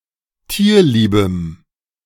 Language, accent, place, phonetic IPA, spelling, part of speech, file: German, Germany, Berlin, [ˈtiːɐ̯ˌliːbəm], tierliebem, adjective, De-tierliebem.ogg
- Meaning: strong dative masculine/neuter singular of tierlieb